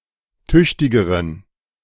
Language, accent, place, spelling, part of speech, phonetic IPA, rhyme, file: German, Germany, Berlin, tüchtigeren, adjective, [ˈtʏçtɪɡəʁən], -ʏçtɪɡəʁən, De-tüchtigeren.ogg
- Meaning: inflection of tüchtig: 1. strong genitive masculine/neuter singular comparative degree 2. weak/mixed genitive/dative all-gender singular comparative degree